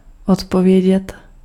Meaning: to reply, to answer
- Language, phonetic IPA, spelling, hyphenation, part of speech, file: Czech, [ˈotpovjɛɟɛt], odpovědět, od‧po‧vě‧dět, verb, Cs-odpovědět.ogg